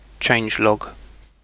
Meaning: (noun) A log that records changes between versions, as in source control; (verb) To record in a changelog
- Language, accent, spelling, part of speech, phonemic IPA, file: English, UK, changelog, noun / verb, /ˈtʃeɪndʒˌlɒɡ/, En-uk-changelog.ogg